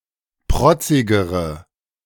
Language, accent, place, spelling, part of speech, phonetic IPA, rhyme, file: German, Germany, Berlin, protzigere, adjective, [ˈpʁɔt͡sɪɡəʁə], -ɔt͡sɪɡəʁə, De-protzigere.ogg
- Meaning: inflection of protzig: 1. strong/mixed nominative/accusative feminine singular comparative degree 2. strong nominative/accusative plural comparative degree